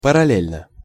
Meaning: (adverb) in parallel; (adjective) short neuter singular of паралле́льный (parallélʹnyj)
- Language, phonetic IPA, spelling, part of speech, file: Russian, [pərɐˈlʲelʲnə], параллельно, adverb / adjective, Ru-параллельно.ogg